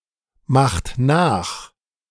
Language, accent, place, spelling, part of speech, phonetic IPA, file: German, Germany, Berlin, macht nach, verb, [ˌmaxt ˈnaːx], De-macht nach.ogg
- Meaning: inflection of nachmachen: 1. second-person plural present 2. third-person singular present 3. plural imperative